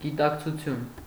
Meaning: consciousness
- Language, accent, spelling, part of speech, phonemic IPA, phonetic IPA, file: Armenian, Eastern Armenian, գիտակցություն, noun, /ɡitɑkt͡sʰuˈtʰjun/, [ɡitɑkt͡sʰut͡sʰjún], Hy-գիտակցություն.ogg